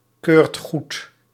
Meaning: inflection of goedkeuren: 1. second/third-person singular present indicative 2. plural imperative
- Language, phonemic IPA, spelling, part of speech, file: Dutch, /ˈkørt ˈɣut/, keurt goed, verb, Nl-keurt goed.ogg